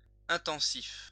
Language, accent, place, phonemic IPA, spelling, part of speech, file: French, France, Lyon, /ɛ̃.tɑ̃.sif/, intensif, adjective, LL-Q150 (fra)-intensif.wav
- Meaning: intensive